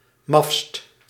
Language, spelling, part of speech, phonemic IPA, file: Dutch, mafst, adjective, /mɑfst/, Nl-mafst.ogg
- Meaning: superlative degree of maf